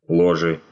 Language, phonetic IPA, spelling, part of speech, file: Russian, [ɫɐˈʐɨ], ложи, verb, Ru-ло́жи.ogg
- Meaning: second-person singular imperative imperfective of ложи́ть (ložítʹ)